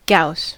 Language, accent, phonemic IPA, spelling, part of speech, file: English, US, /ɡaʊs/, gauss, noun, En-us-gauss.ogg
- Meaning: The unit of magnetic field strength in CGS systems of units, equal to 0.0001 tesla